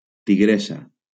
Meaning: tigress
- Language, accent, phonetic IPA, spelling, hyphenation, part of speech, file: Catalan, Valencia, [tiˈɣɾe.sa], tigressa, ti‧gres‧sa, noun, LL-Q7026 (cat)-tigressa.wav